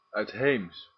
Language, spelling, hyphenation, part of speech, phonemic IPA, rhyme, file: Dutch, uitheems, uit‧heems, adjective, /œy̯tˈɦeːms/, -eːms, Nl-uitheems.ogg
- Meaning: foreign, allochthonous, non-native